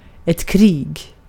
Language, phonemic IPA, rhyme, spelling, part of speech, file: Swedish, /kriːɡ/, -iːɡ, krig, noun, Sv-krig.ogg
- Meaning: war